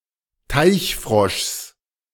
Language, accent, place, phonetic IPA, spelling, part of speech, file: German, Germany, Berlin, [ˈtaɪ̯çˌfʁɔʃs], Teichfroschs, noun, De-Teichfroschs.ogg
- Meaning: genitive of Teichfrosch